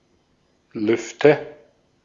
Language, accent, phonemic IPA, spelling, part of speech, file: German, Austria, /ˈlʏftə/, Lüfte, noun, De-at-Lüfte.ogg
- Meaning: nominative/accusative/genitive plural of Luft